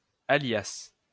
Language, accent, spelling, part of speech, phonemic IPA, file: French, France, alias, adverb / noun, /a.ljas/, LL-Q150 (fra)-alias.wav
- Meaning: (adverb) alias